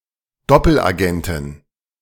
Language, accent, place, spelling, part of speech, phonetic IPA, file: German, Germany, Berlin, Doppelagentin, noun, [ˈdɔpl̩ʔaˌɡɛntɪn], De-Doppelagentin.ogg
- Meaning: female equivalent of Doppelagent (“double agent”)